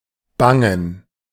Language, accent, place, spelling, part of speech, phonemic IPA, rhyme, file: German, Germany, Berlin, bangen, verb, /ˈbaŋn̩/, -aŋn̩, De-bangen.ogg
- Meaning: to fear, to be worried [with um (+ accusative) ‘for something’] (about something or someone being lost or endangered, especially of someone else)